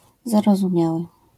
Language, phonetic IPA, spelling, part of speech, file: Polish, [ˌzarɔzũˈmʲjawɨ], zarozumiały, adjective, LL-Q809 (pol)-zarozumiały.wav